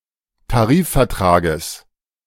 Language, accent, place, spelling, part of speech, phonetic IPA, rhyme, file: German, Germany, Berlin, Tarifvertrages, noun, [taˈʁiːffɛɐ̯ˌtʁaːɡəs], -iːffɛɐ̯tʁaːɡəs, De-Tarifvertrages.ogg
- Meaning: genitive singular of Tarifvertrag